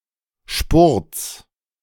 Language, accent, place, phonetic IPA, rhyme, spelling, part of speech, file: German, Germany, Berlin, [ʃpʊʁt͡s], -ʊʁt͡s, Spurts, noun, De-Spurts.ogg
- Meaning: genitive singular of Spurt